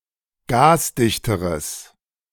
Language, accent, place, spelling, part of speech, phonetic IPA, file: German, Germany, Berlin, gasdichteres, adjective, [ˈɡaːsˌdɪçtəʁəs], De-gasdichteres.ogg
- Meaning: strong/mixed nominative/accusative neuter singular comparative degree of gasdicht